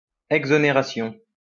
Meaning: exoneration
- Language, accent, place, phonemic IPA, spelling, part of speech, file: French, France, Lyon, /ɛɡ.zɔ.ne.ʁa.sjɔ̃/, exonération, noun, LL-Q150 (fra)-exonération.wav